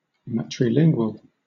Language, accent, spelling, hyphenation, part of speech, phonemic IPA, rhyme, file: English, Southern England, matrilingual, ma‧tri‧lin‧gual, adjective, /mætɹɪˈlɪŋɡwəl/, -ɪŋɡwəl, LL-Q1860 (eng)-matrilingual.wav
- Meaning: Pertaining to one's mother tongue